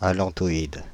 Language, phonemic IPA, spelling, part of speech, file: French, /a.lɑ̃.tɔ.id/, allantoïde, noun, Fr-allantoïde.ogg
- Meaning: allantoid